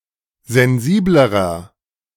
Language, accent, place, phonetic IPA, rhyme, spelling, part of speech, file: German, Germany, Berlin, [zɛnˈziːbləʁɐ], -iːbləʁɐ, sensiblerer, adjective, De-sensiblerer.ogg
- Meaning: inflection of sensibel: 1. strong/mixed nominative masculine singular comparative degree 2. strong genitive/dative feminine singular comparative degree 3. strong genitive plural comparative degree